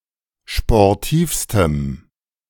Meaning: strong dative masculine/neuter singular superlative degree of sportiv
- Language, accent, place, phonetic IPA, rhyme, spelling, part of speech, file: German, Germany, Berlin, [ʃpɔʁˈtiːfstəm], -iːfstəm, sportivstem, adjective, De-sportivstem.ogg